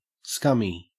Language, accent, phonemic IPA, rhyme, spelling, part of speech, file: English, Australia, /ˈskʌmi/, -ʌmi, scummy, adjective, En-au-scummy.ogg
- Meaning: 1. Covered in scum 2. sleazy, worthless, no good